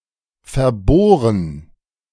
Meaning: to fixate
- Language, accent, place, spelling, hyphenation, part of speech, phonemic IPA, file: German, Germany, Berlin, verbohren, ver‧boh‧ren, verb, /fɛɐ̯ˈboːʁən/, De-verbohren.ogg